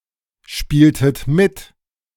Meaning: inflection of mitspielen: 1. second-person plural preterite 2. second-person plural subjunctive II
- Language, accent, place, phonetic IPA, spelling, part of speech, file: German, Germany, Berlin, [ˌʃpiːltət ˈmɪt], spieltet mit, verb, De-spieltet mit.ogg